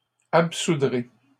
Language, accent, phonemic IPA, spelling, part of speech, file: French, Canada, /ap.su.dʁe/, absoudrai, verb, LL-Q150 (fra)-absoudrai.wav
- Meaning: first-person singular future of absoudre